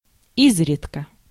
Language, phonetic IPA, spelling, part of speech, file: Russian, [ˈizrʲɪtkə], изредка, adverb, Ru-изредка.ogg
- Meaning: 1. rarely, seldom 2. from time to time, occasionally